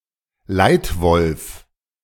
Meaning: 1. alpha wolf (leader of a pack) 2. leader
- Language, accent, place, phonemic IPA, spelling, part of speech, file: German, Germany, Berlin, /ˈlaɪ̯tˌvɔlf/, Leitwolf, noun, De-Leitwolf.ogg